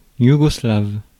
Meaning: Yugoslav, Yugoslavian
- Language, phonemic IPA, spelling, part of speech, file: French, /ju.ɡɔ.slav/, yougoslave, adjective, Fr-yougoslave.ogg